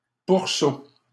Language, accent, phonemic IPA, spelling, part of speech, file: French, Canada, /puʁ.so/, pourceau, noun, LL-Q150 (fra)-pourceau.wav
- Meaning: swine, pig